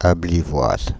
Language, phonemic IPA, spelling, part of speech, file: French, /ab.vi.lwaz/, Abbevilloise, noun, Fr-Abbevilloise.ogg
- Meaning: female equivalent of Abbevillois